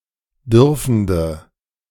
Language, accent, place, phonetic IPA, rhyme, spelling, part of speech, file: German, Germany, Berlin, [ˈdʏʁfn̩də], -ʏʁfn̩də, dürfende, adjective, De-dürfende.ogg
- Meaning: inflection of dürfend: 1. strong/mixed nominative/accusative feminine singular 2. strong nominative/accusative plural 3. weak nominative all-gender singular 4. weak accusative feminine/neuter singular